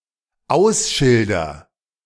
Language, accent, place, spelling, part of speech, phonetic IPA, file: German, Germany, Berlin, ausschilder, verb, [ˈaʊ̯sˌʃɪldɐ], De-ausschilder.ogg
- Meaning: first-person singular dependent present of ausschildern